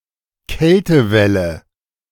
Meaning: cold wave, cold spell
- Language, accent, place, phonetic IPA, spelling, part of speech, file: German, Germany, Berlin, [ˈkɛltəˌvɛlə], Kältewelle, noun, De-Kältewelle.ogg